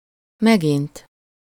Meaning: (adverb) again (having already happened before); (verb) to reprimand
- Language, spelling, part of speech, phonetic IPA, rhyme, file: Hungarian, megint, adverb / verb, [ˈmɛɡint], -int, Hu-megint.ogg